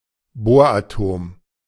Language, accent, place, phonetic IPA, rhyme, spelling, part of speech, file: German, Germany, Berlin, [ˈboːɐ̯ʔaˌtoːm], -oːɐ̯ʔatoːm, Boratom, noun, De-Boratom.ogg
- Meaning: boron atom